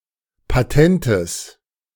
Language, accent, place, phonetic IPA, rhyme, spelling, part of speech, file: German, Germany, Berlin, [paˈtɛntəs], -ɛntəs, Patentes, noun, De-Patentes.ogg
- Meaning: genitive singular of Patent